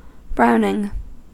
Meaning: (noun) 1. The act or operation of giving a brown colour, as to gun barrels, cooked food, etc 2. Any of various preparations used to impart a brown colour to gravy, leather, etc
- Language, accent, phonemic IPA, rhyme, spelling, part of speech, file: English, US, /ˈbɹaʊ.nɪŋ/, -aʊnɪŋ, browning, noun / verb, En-us-browning.ogg